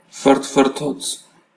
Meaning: slurp (loud sucking noise made in eating or drinking)
- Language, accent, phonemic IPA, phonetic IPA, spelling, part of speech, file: Armenian, Eastern Armenian, /fərtʰfərˈtʰot͡sʰ/, [fərtʰfərtʰót͡sʰ], ֆռթֆռթոց, noun, Hy-EA-ֆռթֆռթոց.ogg